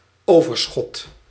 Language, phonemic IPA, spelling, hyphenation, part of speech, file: Dutch, /ˈoː.vərˌsxɔt/, overschot, over‧schot, noun, Nl-overschot.ogg
- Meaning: 1. remains 2. surplus